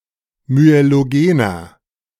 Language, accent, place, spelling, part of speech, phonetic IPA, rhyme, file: German, Germany, Berlin, myelogener, adjective, [myeloˈɡeːnɐ], -eːnɐ, De-myelogener.ogg
- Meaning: inflection of myelogen: 1. strong/mixed nominative masculine singular 2. strong genitive/dative feminine singular 3. strong genitive plural